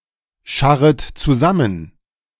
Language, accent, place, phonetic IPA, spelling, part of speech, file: German, Germany, Berlin, [ˌʃaʁət t͡suˈzamən], scharret zusammen, verb, De-scharret zusammen.ogg
- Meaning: second-person plural subjunctive I of zusammenscharren